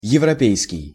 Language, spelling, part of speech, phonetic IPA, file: Russian, европейский, adjective, [(j)ɪvrɐˈpʲejskʲɪj], Ru-европейский.ogg
- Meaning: European